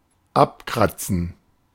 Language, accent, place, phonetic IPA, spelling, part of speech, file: German, Germany, Berlin, [ˈapˌkʁat͡sn̩], abkratzen, verb, De-abkratzen.ogg
- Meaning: 1. to scrape, to scratch something off of something 2. to kick the bucket, to snuff it, to croak (to die) 3. to leave, to scram